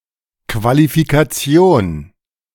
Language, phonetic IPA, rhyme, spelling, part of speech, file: German, [kvalifikaˈt͡si̯oːn], -oːn, Qualifikation, noun, De-Qualifikation.oga
- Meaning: qualification